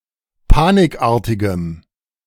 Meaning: strong dative masculine/neuter singular of panikartig
- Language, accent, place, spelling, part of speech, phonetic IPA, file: German, Germany, Berlin, panikartigem, adjective, [ˈpaːnɪkˌʔaːɐ̯tɪɡəm], De-panikartigem.ogg